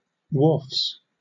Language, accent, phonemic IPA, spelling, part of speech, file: English, Southern England, /wɔːfs/, wharfs, noun, LL-Q1860 (eng)-wharfs.wav
- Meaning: plural of wharf